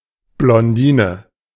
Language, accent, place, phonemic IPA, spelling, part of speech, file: German, Germany, Berlin, /blɔnˈdiːnə/, Blondine, noun, De-Blondine.ogg
- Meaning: blonde (a blonde woman)